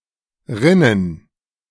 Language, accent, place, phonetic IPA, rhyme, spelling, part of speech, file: German, Germany, Berlin, [ˈʁɪnən], -ɪnən, rinnen, verb, De-rinnen.ogg
- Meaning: 1. to flow 2. to leak 3. to run 4. to trickle